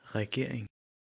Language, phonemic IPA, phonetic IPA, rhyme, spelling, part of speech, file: Danish, /ræɡerinɡ/, [ʁæˈɡeɐ̯eŋ], -eŋ, regering, noun, Da-cph-regering.ogg
- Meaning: government; the executive body of a country's governmental system